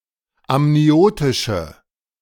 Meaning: inflection of amniotisch: 1. strong/mixed nominative/accusative feminine singular 2. strong nominative/accusative plural 3. weak nominative all-gender singular
- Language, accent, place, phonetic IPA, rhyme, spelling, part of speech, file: German, Germany, Berlin, [amniˈoːtɪʃə], -oːtɪʃə, amniotische, adjective, De-amniotische.ogg